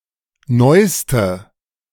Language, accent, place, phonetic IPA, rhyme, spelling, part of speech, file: German, Germany, Berlin, [ˈnɔɪ̯stə], -ɔɪ̯stə, neuste, adjective, De-neuste.ogg
- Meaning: inflection of neu: 1. strong/mixed nominative/accusative feminine singular superlative degree 2. strong nominative/accusative plural superlative degree